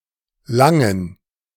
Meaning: 1. any of several small towns in Germany 2. a surname
- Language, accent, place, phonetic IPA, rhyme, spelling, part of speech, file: German, Germany, Berlin, [ˈlaŋən], -aŋən, Langen, proper noun, De-Langen.ogg